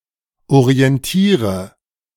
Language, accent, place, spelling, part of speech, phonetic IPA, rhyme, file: German, Germany, Berlin, orientiere, verb, [oʁiɛnˈtiːʁə], -iːʁə, De-orientiere.ogg
- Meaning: inflection of orientieren: 1. first-person singular present 2. first/third-person singular subjunctive I 3. singular imperative